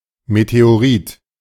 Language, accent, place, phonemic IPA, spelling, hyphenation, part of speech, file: German, Germany, Berlin, /meteoˈʁiːt/, Meteorit, Me‧te‧o‧rit, noun, De-Meteorit.ogg
- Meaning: meteorite